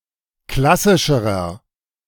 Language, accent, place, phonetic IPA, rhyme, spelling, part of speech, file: German, Germany, Berlin, [ˈklasɪʃəʁɐ], -asɪʃəʁɐ, klassischerer, adjective, De-klassischerer.ogg
- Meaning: inflection of klassisch: 1. strong/mixed nominative masculine singular comparative degree 2. strong genitive/dative feminine singular comparative degree 3. strong genitive plural comparative degree